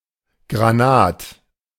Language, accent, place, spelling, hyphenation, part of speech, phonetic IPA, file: German, Germany, Berlin, Granat, Gra‧nat, noun, [ɡʁaˈnaːt], De-Granat.ogg
- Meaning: 1. garnet 2. The common shrimp, Crangon crangon 3. swindler 4. A short form of Granatapfel and Granatapfelbaum